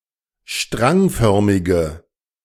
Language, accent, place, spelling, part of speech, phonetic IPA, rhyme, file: German, Germany, Berlin, strangförmige, adjective, [ˈʃtʁaŋˌfœʁmɪɡə], -aŋfœʁmɪɡə, De-strangförmige.ogg
- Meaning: inflection of strangförmig: 1. strong/mixed nominative/accusative feminine singular 2. strong nominative/accusative plural 3. weak nominative all-gender singular